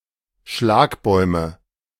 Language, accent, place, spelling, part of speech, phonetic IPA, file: German, Germany, Berlin, Schlagbäume, noun, [ˈʃlaːkˌbɔɪ̯mə], De-Schlagbäume.ogg
- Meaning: nominative/accusative/genitive plural of Schlagbaum